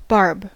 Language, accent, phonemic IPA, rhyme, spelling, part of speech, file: English, US, /bɑː(ɹ)b/, -ɑː(ɹ)b, barb, noun / verb, En-us-barb.ogg